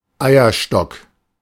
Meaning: ovary (female organ)
- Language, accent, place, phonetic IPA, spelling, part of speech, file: German, Germany, Berlin, [ˈaɪ̯ɐˌʃtɔk], Eierstock, noun, De-Eierstock.ogg